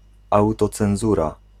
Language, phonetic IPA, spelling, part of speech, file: Polish, [ˌawtɔt͡sɛ̃w̃ˈzura], autocenzura, noun, Pl-autocenzura.ogg